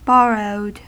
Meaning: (adjective) Having been borrowed; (verb) simple past and past participle of borrow
- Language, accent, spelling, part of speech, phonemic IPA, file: English, US, borrowed, adjective / verb, /ˈbɔɹoʊd/, En-us-borrowed.ogg